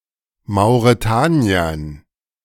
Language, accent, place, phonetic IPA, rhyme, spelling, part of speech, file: German, Germany, Berlin, [maʊ̯ʁeˈtaːni̯ɐn], -aːni̯ɐn, Mauretaniern, noun, De-Mauretaniern.ogg
- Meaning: dative plural of Mauretanier